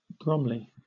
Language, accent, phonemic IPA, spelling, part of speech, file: English, Southern England, /ˈbɹɒmli/, Bromley, proper noun, LL-Q1860 (eng)-Bromley.wav
- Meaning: A number of places in England: 1. A town in the borough of Bromley, in south-eastern Greater London, historically in Kent (OS grid ref TQ4069) 2. A London borough of Greater London